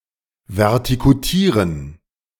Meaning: scarify, verticut, thatch, dethatch (dethatch)
- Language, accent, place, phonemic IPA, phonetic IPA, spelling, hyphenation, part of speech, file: German, Germany, Berlin, /vɛrˈtɪkʊtiːʁən/, [vɛɐ̯ˈtɪkʰʊtiːʁən], vertikutieren, ver‧ti‧ku‧tie‧ren, verb, De-vertikutieren.ogg